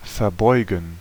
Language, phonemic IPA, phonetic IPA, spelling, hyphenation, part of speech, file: German, /fɛɐˈbɔɪ̯ɡn̩/, [fɛɐ̯ˈbɔɪ̯ɡŋ̩], verbeugen, ver‧beu‧gen, verb, De-verbeugen.ogg
- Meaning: to bow